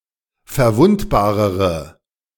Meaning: inflection of verwundbar: 1. strong/mixed nominative/accusative feminine singular comparative degree 2. strong nominative/accusative plural comparative degree
- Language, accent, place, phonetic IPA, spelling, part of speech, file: German, Germany, Berlin, [fɛɐ̯ˈvʊntbaːʁəʁə], verwundbarere, adjective, De-verwundbarere.ogg